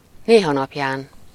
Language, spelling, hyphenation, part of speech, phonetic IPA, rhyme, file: Hungarian, néhanapján, né‧ha‧nap‧ján, adverb, [ˈneːɦɒnɒpjaːn], -aːn, Hu-néhanapján.ogg
- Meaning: occasionally, now and then, once in a while